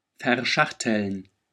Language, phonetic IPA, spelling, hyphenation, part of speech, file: German, [fɛɐ̯ˈʃaxtl̩n], verschachteln, ver‧schach‧teln, verb, De-verschachteln.ogg
- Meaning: 1. to nest 2. to interleave